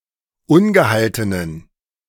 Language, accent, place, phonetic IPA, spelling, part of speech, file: German, Germany, Berlin, [ˈʊnɡəˌhaltənən], ungehaltenen, adjective, De-ungehaltenen.ogg
- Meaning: inflection of ungehalten: 1. strong genitive masculine/neuter singular 2. weak/mixed genitive/dative all-gender singular 3. strong/weak/mixed accusative masculine singular 4. strong dative plural